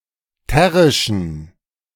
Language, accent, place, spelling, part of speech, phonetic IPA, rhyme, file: German, Germany, Berlin, terrischen, adjective, [ˈtɛʁɪʃn̩], -ɛʁɪʃn̩, De-terrischen.ogg
- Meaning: inflection of terrisch: 1. strong genitive masculine/neuter singular 2. weak/mixed genitive/dative all-gender singular 3. strong/weak/mixed accusative masculine singular 4. strong dative plural